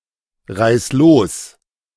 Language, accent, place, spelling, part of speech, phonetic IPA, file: German, Germany, Berlin, reiß los, verb, [ˌʁaɪ̯s ˈloːs], De-reiß los.ogg
- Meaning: singular imperative of losreißen